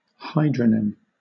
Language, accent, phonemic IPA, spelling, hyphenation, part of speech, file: English, Southern England, /ˈhʌɪdɹənɪm/, hydronym, hy‧dro‧nym, noun, LL-Q1860 (eng)-hydronym.wav
- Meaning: The name of a river, lake, sea or any other body of water